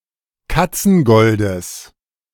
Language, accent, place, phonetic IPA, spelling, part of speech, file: German, Germany, Berlin, [ˈkat͡sn̩ˌɡɔldəs], Katzengoldes, noun, De-Katzengoldes.ogg
- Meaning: genitive singular of Katzengold